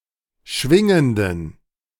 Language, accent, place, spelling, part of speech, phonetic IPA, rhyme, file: German, Germany, Berlin, schwingenden, adjective, [ˈʃvɪŋəndn̩], -ɪŋəndn̩, De-schwingenden.ogg
- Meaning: inflection of schwingend: 1. strong genitive masculine/neuter singular 2. weak/mixed genitive/dative all-gender singular 3. strong/weak/mixed accusative masculine singular 4. strong dative plural